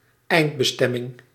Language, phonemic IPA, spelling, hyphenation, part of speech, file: Dutch, /ˈɛi̯nt.bəˌstɛ.mɪŋ/, eindbestemming, eind‧be‧stem‧ming, noun, Nl-eindbestemming.ogg
- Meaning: final destination